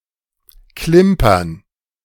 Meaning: to jingle; jangle; tinkle
- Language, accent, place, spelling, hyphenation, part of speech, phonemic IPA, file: German, Germany, Berlin, klimpern, klim‧pern, verb, /klɪmpɐn/, De-klimpern.ogg